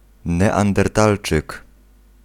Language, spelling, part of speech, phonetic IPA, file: Polish, neandertalczyk, noun, [ˌnɛãndɛrˈtalt͡ʃɨk], Pl-neandertalczyk.ogg